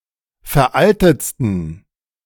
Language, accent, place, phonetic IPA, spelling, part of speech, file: German, Germany, Berlin, [fɛɐ̯ˈʔaltət͡stn̩], veraltetsten, adjective, De-veraltetsten.ogg
- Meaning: 1. superlative degree of veraltet 2. inflection of veraltet: strong genitive masculine/neuter singular superlative degree